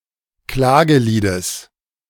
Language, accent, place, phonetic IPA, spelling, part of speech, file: German, Germany, Berlin, [ˈklaːɡəˌliːdəs], Klageliedes, noun, De-Klageliedes.ogg
- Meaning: genitive of Klagelied